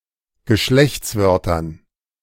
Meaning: dative plural of Geschlechtswort
- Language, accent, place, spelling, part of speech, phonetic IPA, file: German, Germany, Berlin, Geschlechtswörtern, noun, [ɡəˈʃlɛçt͡sˌvœʁtɐn], De-Geschlechtswörtern.ogg